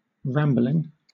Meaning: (verb) present participle and gerund of ramble; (adjective) 1. Of a speech: meandering, long and digressing 2. Confused and irregular; awkward 3. Winding irregularly in various directions
- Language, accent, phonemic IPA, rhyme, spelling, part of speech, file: English, Southern England, /ˈɹæm.blɪŋ/, -æmblɪŋ, rambling, verb / adjective / noun, LL-Q1860 (eng)-rambling.wav